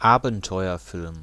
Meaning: adventure film
- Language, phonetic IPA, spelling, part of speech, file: German, [ˈaːbn̩tɔɪ̯ɐˌfɪlm], Abenteuerfilm, noun, De-Abenteuerfilm.ogg